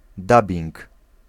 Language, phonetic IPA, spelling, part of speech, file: Polish, [ˈdabʲĩŋk], dubbing, noun, Pl-dubbing.ogg